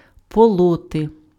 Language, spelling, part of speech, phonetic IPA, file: Ukrainian, полоти, verb, [pɔˈɫɔte], Uk-полоти.ogg
- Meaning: to weed, to weed out, to pull up (weeds)